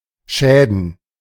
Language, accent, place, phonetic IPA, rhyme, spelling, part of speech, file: German, Germany, Berlin, [ˈʃɛːdn̩], -ɛːdn̩, Schäden, noun, De-Schäden.ogg
- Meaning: plural of Schaden